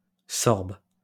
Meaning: 1. rowanberry, sorb (fruit) 2. sorb-apple
- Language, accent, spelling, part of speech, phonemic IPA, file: French, France, sorbe, noun, /sɔʁb/, LL-Q150 (fra)-sorbe.wav